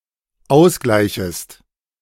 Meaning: second-person singular dependent subjunctive I of ausgleichen
- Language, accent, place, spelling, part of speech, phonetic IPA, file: German, Germany, Berlin, ausgleichest, verb, [ˈaʊ̯sˌɡlaɪ̯çəst], De-ausgleichest.ogg